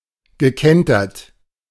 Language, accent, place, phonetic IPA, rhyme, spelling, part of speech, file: German, Germany, Berlin, [ɡəˈkɛntɐt], -ɛntɐt, gekentert, verb, De-gekentert.ogg
- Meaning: past participle of kentern